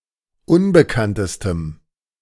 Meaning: strong dative masculine/neuter singular superlative degree of unbekannt
- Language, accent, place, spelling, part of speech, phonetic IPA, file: German, Germany, Berlin, unbekanntestem, adjective, [ˈʊnbəkantəstəm], De-unbekanntestem.ogg